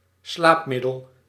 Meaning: a somnifacient (such as sleeping pills)
- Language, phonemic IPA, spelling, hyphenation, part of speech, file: Dutch, /ˈslapmɪdəl/, slaapmiddel, slaap‧mid‧del, noun, Nl-slaapmiddel.ogg